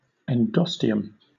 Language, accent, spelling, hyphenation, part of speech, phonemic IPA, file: English, Southern England, endosteum, end‧o‧ste‧um, noun, /ɛnˈdɒsti.əm/, LL-Q1860 (eng)-endosteum.wav
- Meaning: A membranous vascular layer of cells which line the medullary cavity of a bone; an internal periosteum